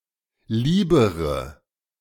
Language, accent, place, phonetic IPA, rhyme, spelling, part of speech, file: German, Germany, Berlin, [ˈliːbəʁə], -iːbəʁə, liebere, adjective, De-liebere.ogg
- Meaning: inflection of lieb: 1. strong/mixed nominative/accusative feminine singular comparative degree 2. strong nominative/accusative plural comparative degree